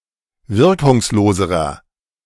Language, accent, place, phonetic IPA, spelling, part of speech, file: German, Germany, Berlin, [ˈvɪʁkʊŋsˌloːzəʁɐ], wirkungsloserer, adjective, De-wirkungsloserer.ogg
- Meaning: inflection of wirkungslos: 1. strong/mixed nominative masculine singular comparative degree 2. strong genitive/dative feminine singular comparative degree 3. strong genitive plural comparative degree